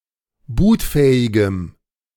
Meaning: strong dative masculine/neuter singular of bootfähig
- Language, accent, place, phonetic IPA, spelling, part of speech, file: German, Germany, Berlin, [ˈbuːtˌfɛːɪɡəm], bootfähigem, adjective, De-bootfähigem.ogg